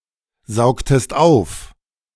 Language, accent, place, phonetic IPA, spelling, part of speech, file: German, Germany, Berlin, [ˌzaʊ̯ktəst ˈaʊ̯f], saugtest auf, verb, De-saugtest auf.ogg
- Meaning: inflection of aufsaugen: 1. second-person singular preterite 2. second-person singular subjunctive II